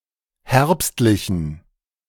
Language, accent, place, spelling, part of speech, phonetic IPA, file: German, Germany, Berlin, herbstlichen, adjective, [ˈhɛʁpstlɪçn̩], De-herbstlichen.ogg
- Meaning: inflection of herbstlich: 1. strong genitive masculine/neuter singular 2. weak/mixed genitive/dative all-gender singular 3. strong/weak/mixed accusative masculine singular 4. strong dative plural